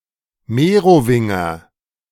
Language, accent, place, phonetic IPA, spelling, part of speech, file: German, Germany, Berlin, [ˈmeːʁoˌvɪŋɐ], Merowinger, noun, De-Merowinger.ogg
- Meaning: Merovingian, Meroving